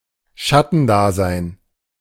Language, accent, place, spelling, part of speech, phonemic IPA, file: German, Germany, Berlin, Schattendasein, noun, /ˈʃatənˌdaːzaɪ̯n/, De-Schattendasein.ogg
- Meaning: shadowy existence